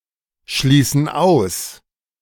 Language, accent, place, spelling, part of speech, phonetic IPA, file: German, Germany, Berlin, schließen aus, verb, [ˌʃliːsn̩ ˈaʊ̯s], De-schließen aus.ogg
- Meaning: inflection of ausschließen: 1. first/third-person plural present 2. first/third-person plural subjunctive I